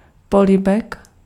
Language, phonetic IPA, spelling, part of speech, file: Czech, [ˈpolɪbɛk], polibek, noun, Cs-polibek.ogg
- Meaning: kiss